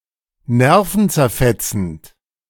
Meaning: nerve-racking
- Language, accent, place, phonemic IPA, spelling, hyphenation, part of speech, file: German, Germany, Berlin, /ˈnɛʁfn̩t͡sɛʁˌfɛt͡sn̩t/, nervenzerfetzend, ner‧ven‧zer‧fet‧zend, adjective, De-nervenzerfetzend.ogg